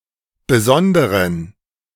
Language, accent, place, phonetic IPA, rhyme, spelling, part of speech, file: German, Germany, Berlin, [bəˈzɔndəʁən], -ɔndəʁən, besonderen, adjective, De-besonderen.ogg
- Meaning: inflection of besondere: 1. strong genitive masculine/neuter singular 2. weak/mixed genitive/dative all-gender singular 3. strong/weak/mixed accusative masculine singular 4. strong dative plural